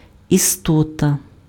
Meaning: being, creature
- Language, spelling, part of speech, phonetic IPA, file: Ukrainian, істота, noun, [iˈstɔtɐ], Uk-істота.ogg